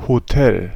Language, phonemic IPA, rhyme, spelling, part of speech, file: German, /hoˈtɛl/, -ɛl, Hotel, noun, De-Hotel.ogg
- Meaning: hotel